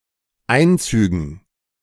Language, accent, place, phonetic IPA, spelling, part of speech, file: German, Germany, Berlin, [ˈaɪ̯nˌt͡syːɡn̩], Einzügen, noun, De-Einzügen.ogg
- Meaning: dative plural of Einzug